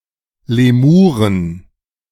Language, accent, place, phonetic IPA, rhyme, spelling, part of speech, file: German, Germany, Berlin, [leˈmuːʁən], -uːʁən, Lemuren, noun, De-Lemuren.ogg
- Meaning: 1. genitive singular of Lemur 2. plural of Lemur 3. genitive singular of Lemure 4. plural of Lemure